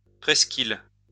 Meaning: post-1990 spelling of presqu'île
- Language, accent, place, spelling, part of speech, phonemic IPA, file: French, France, Lyon, presqu'ile, noun, /pʁɛs.k‿il/, LL-Q150 (fra)-presqu'ile.wav